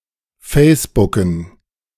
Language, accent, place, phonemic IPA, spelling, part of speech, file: German, Germany, Berlin, /ˈfɛɪ̯sbʊkn̩/, facebooken, verb, De-facebooken.ogg
- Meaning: to Facebook